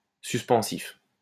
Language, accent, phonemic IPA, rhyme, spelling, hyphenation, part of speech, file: French, France, /sys.pɑ̃.sif/, -if, suspensif, sus‧pen‧sif, adjective, LL-Q150 (fra)-suspensif.wav
- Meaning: 1. suspensive 2. suspensory